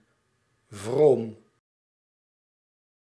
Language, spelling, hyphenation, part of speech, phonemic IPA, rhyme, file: Dutch, vroom, vroom, adjective, /vroːm/, -oːm, Nl-vroom.ogg
- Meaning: pious, devout